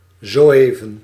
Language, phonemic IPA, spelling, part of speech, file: Dutch, /ˌzoːˈeː.və(n)/, zoëven, adverb, Nl-zoëven.ogg
- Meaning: superseded spelling of zo-even